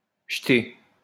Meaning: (noun) 1. jete 2. strip of fabric or embroidery which is used as an ornament in the direction of the length or width of a table or bed 3. yarnover; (verb) past participle of jeter
- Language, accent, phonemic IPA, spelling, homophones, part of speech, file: French, France, /ʒə.te/, jeté, jetée / jeter / jetés / jetées / jetez, noun / verb, LL-Q150 (fra)-jeté.wav